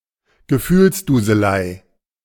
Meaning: mawkishness, maudlinness
- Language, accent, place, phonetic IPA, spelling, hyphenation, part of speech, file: German, Germany, Berlin, [ɡəˈfyːlsduːzəˌlaɪ̯], Gefühlsduselei, Ge‧fühls‧du‧se‧lei, noun, De-Gefühlsduselei.ogg